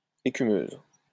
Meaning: feminine singular of écumeux
- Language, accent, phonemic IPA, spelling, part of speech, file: French, France, /e.ky.møz/, écumeuse, adjective, LL-Q150 (fra)-écumeuse.wav